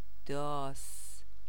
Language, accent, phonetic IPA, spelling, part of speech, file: Persian, Iran, [d̪ɒːs], داس, noun, Fa-داس.ogg
- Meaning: sickle